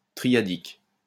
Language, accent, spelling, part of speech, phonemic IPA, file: French, France, triadique, adjective, /tʁi.ja.dik/, LL-Q150 (fra)-triadique.wav
- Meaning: triad; triadic